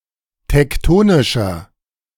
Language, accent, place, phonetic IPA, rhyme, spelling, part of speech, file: German, Germany, Berlin, [tɛkˈtoːnɪʃɐ], -oːnɪʃɐ, tektonischer, adjective, De-tektonischer.ogg
- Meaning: 1. comparative degree of tektonisch 2. inflection of tektonisch: strong/mixed nominative masculine singular 3. inflection of tektonisch: strong genitive/dative feminine singular